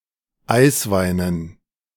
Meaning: dative plural of Eiswein
- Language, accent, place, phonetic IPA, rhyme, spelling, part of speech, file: German, Germany, Berlin, [ˈaɪ̯sˌvaɪ̯nən], -aɪ̯svaɪ̯nən, Eisweinen, noun, De-Eisweinen.ogg